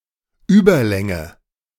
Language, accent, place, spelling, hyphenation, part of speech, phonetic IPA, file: German, Germany, Berlin, Überlänge, Über‧län‧ge, noun, [ˈyːbɐˌlɛŋə], De-Überlänge.ogg
- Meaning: 1. overlength 2. tall size